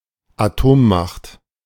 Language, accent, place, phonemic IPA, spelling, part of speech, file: German, Germany, Berlin, /aˈtoːmmaxt/, Atommacht, noun, De-Atommacht.ogg
- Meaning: nuclear power (nation with nuclear weapons)